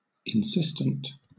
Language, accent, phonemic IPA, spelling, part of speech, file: English, Southern England, /ɪnˈsɪstənt/, insistent, adjective, LL-Q1860 (eng)-insistent.wav
- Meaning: 1. Standing or resting on something 2. Urgent in dwelling upon anything; persistent in urging or maintaining 3. Extorting attention or notice; coercively staring or prominent; vivid; intense